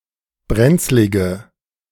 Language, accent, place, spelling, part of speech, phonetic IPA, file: German, Germany, Berlin, brenzlige, adjective, [ˈbʁɛnt͡slɪɡə], De-brenzlige.ogg
- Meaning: inflection of brenzlig: 1. strong/mixed nominative/accusative feminine singular 2. strong nominative/accusative plural 3. weak nominative all-gender singular